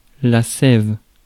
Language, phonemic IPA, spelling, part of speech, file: French, /sɛv/, sève, noun, Fr-sève.ogg
- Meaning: 1. sap 2. sap, vital essence, life